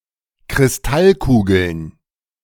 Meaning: plural of Kristallkugel
- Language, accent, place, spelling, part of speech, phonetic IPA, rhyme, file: German, Germany, Berlin, Kristallkugeln, noun, [kʁɪsˈtalˌkuːɡl̩n], -alkuːɡl̩n, De-Kristallkugeln.ogg